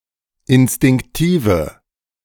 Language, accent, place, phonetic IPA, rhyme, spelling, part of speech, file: German, Germany, Berlin, [ɪnstɪŋkˈtiːvə], -iːvə, instinktive, adjective, De-instinktive.ogg
- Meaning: inflection of instinktiv: 1. strong/mixed nominative/accusative feminine singular 2. strong nominative/accusative plural 3. weak nominative all-gender singular